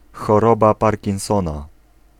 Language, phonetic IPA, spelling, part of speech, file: Polish, [xɔˈrɔba ˌparʲcĩw̃ˈsɔ̃na], choroba Parkinsona, noun, Pl-choroba Parkinsona.ogg